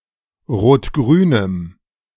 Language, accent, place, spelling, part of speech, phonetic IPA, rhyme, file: German, Germany, Berlin, rot-grünem, adjective, [ʁoːtˈɡʁyːnəm], -yːnəm, De-rot-grünem.ogg
- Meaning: strong dative masculine/neuter singular of rot-grün